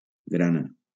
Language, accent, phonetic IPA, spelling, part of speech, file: Catalan, Valencia, [ˈɡɾa.na], grana, noun / verb, LL-Q7026 (cat)-grana.wav
- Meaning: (noun) 1. seed 2. cochineal 3. scarlet, carmine (color/colour); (verb) inflection of granar: 1. third-person singular present indicative 2. second-person singular imperative